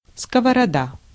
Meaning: frying pan (long-handled, shallow pan used for frying food)
- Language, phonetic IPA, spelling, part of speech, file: Russian, [skəvərɐˈda], сковорода, noun, Ru-сковорода.ogg